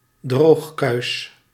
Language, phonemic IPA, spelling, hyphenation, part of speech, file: Dutch, /ˈdroːx.kœy̯s/, droogkuis, droog‧kuis, noun, Nl-droogkuis.ogg
- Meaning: dry cleaner